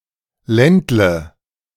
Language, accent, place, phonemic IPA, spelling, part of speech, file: German, Germany, Berlin, /ˈlɛndlə/, Ländle, proper noun, De-Ländle.ogg
- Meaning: 1. statelet 2. Baden-Württemberg, a state in southwest Germany; Swabia 3. Vorarlberg, the westernmost federal state of Austria